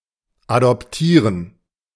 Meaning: to adopt (a child)
- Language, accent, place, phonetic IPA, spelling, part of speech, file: German, Germany, Berlin, [adɔpˈtiːʁən], adoptieren, verb, De-adoptieren.ogg